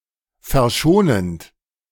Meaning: present participle of verschonen
- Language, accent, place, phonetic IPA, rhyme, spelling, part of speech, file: German, Germany, Berlin, [fɛɐ̯ˈʃoːnənt], -oːnənt, verschonend, verb, De-verschonend.ogg